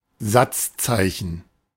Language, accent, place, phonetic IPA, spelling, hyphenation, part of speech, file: German, Germany, Berlin, [ˈzatsˌtsaɪ̯çn̩], Satzzeichen, Satz‧zei‧chen, noun, De-Satzzeichen.ogg
- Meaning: punctuation mark